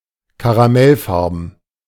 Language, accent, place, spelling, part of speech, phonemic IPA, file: German, Germany, Berlin, karamellfarben, adjective, /kaʁaˈmɛlˌfaʁbn̩/, De-karamellfarben.ogg
- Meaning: caramel-coloured